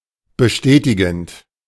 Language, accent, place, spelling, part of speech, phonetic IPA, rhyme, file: German, Germany, Berlin, bestätigend, verb, [bəˈʃtɛːtɪɡn̩t], -ɛːtɪɡn̩t, De-bestätigend.ogg
- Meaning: present participle of bestätigen